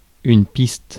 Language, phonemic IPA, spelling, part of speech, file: French, /pist/, piste, noun / verb, Fr-piste.ogg
- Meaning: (noun) 1. track or trail (left by an animal or person) 2. track (road or other similar beaten path) 3. lead, hint (e.g. in a police investigation) 4. runway 5. track (on a recording) 6. racecourse